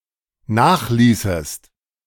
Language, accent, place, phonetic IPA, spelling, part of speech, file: German, Germany, Berlin, [ˈnaːxˌliːsəst], nachließest, verb, De-nachließest.ogg
- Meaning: second-person singular dependent subjunctive II of nachlassen